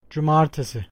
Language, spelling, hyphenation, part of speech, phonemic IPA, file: Turkish, cumartesi, cu‧mar‧te‧si, noun, /d͡ʒuˈmaɾ.te.si/, Tr-cumartesi.ogg
- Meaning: Saturday